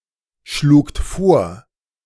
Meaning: second-person plural preterite of vorschlagen
- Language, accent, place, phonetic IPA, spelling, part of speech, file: German, Germany, Berlin, [ˌʃluːkt ˈfoːɐ̯], schlugt vor, verb, De-schlugt vor.ogg